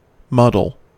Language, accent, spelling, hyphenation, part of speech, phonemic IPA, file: English, General American, muddle, mud‧dle, verb / noun, /ˈmʌd(ə)l/, En-us-muddle.ogg
- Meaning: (verb) 1. To mix together, to mix up; to confuse 2. To mash slightly for use in a cocktail 3. To dabble in mud 4. To make turbid or muddy 5. To think and act in a confused, aimless way